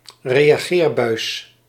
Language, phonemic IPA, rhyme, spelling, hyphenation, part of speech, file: Dutch, /reː.aːˈɣeːr.bœy̯s/, -eːrbœy̯s, reageerbuis, re‧a‧geer‧buis, noun, Nl-reageerbuis.ogg
- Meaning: test tube